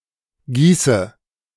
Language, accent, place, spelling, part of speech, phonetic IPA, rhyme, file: German, Germany, Berlin, gieße, verb, [ˈɡiːsə], -iːsə, De-gieße.ogg
- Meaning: inflection of gießen: 1. first-person singular present 2. first/third-person singular subjunctive I 3. singular imperative